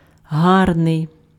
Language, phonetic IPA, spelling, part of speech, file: Ukrainian, [ˈɦarnei̯], гарний, adjective, Uk-гарний.ogg
- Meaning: 1. beautiful, pretty, handsome 2. good, nice, pleasant 3. admirable 4. good, ethical 5. large, considerable, sizeable